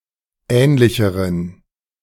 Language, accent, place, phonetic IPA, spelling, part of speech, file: German, Germany, Berlin, [ˈɛːnlɪçəʁən], ähnlicheren, adjective, De-ähnlicheren.ogg
- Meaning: inflection of ähnlich: 1. strong genitive masculine/neuter singular comparative degree 2. weak/mixed genitive/dative all-gender singular comparative degree